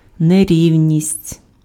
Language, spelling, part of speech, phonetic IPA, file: Ukrainian, нерівність, noun, [neˈrʲiu̯nʲisʲtʲ], Uk-нерівність.ogg
- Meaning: 1. unevenness 2. inequality